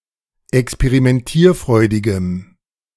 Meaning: strong dative masculine/neuter singular of experimentierfreudig
- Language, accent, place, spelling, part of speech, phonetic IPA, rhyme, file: German, Germany, Berlin, experimentierfreudigem, adjective, [ɛkspeʁimɛnˈtiːɐ̯ˌfʁɔɪ̯dɪɡəm], -iːɐ̯fʁɔɪ̯dɪɡəm, De-experimentierfreudigem.ogg